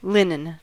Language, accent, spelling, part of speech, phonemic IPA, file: English, US, linen, noun / adjective, /ˈlɪnɪn/, En-us-linen.ogg
- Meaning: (noun) Thread or cloth made from flax fiber